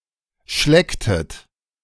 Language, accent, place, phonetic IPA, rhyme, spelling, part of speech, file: German, Germany, Berlin, [ˈʃlɛktət], -ɛktət, schlecktet, verb, De-schlecktet.ogg
- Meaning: inflection of schlecken: 1. second-person plural preterite 2. second-person plural subjunctive II